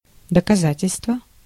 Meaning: 1. evidence, proof, justification 2. proof
- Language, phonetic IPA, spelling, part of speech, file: Russian, [dəkɐˈzatʲɪlʲstvə], доказательство, noun, Ru-доказательство.ogg